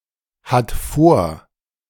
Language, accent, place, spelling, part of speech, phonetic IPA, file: German, Germany, Berlin, hat vor, verb, [ˌhat ˈfoːɐ̯], De-hat vor.ogg
- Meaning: third-person singular present of vorhaben